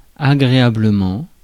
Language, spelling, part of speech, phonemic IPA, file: French, agréablement, adverb, /a.ɡʁe.a.blə.mɑ̃/, Fr-agréablement.ogg
- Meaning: pleasantly, nicely